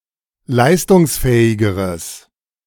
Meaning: strong/mixed nominative/accusative neuter singular comparative degree of leistungsfähig
- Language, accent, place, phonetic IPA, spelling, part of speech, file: German, Germany, Berlin, [ˈlaɪ̯stʊŋsˌfɛːɪɡəʁəs], leistungsfähigeres, adjective, De-leistungsfähigeres.ogg